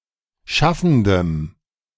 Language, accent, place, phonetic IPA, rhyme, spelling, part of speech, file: German, Germany, Berlin, [ˈʃafn̩dəm], -afn̩dəm, schaffendem, adjective, De-schaffendem.ogg
- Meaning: strong dative masculine/neuter singular of schaffend